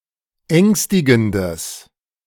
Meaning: strong/mixed nominative/accusative neuter singular of ängstigend
- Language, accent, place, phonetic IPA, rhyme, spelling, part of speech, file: German, Germany, Berlin, [ˈɛŋstɪɡn̩dəs], -ɛŋstɪɡn̩dəs, ängstigendes, adjective, De-ängstigendes.ogg